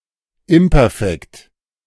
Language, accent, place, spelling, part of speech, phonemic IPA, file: German, Germany, Berlin, Imperfekt, noun, /ˈɪmpɛʁfɛkt/, De-Imperfekt.ogg
- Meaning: imperfect